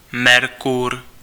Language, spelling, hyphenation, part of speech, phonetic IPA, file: Czech, Merkur, Mer‧kur, proper noun, [ˈmɛrkur], Cs-Merkur.ogg
- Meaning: 1. Mercury (Roman god) 2. Mercury, the first planet in the Solar System